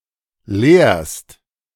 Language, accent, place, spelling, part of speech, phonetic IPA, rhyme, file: German, Germany, Berlin, leerst, verb, [leːɐ̯st], -eːɐ̯st, De-leerst.ogg
- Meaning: second-person singular present of leeren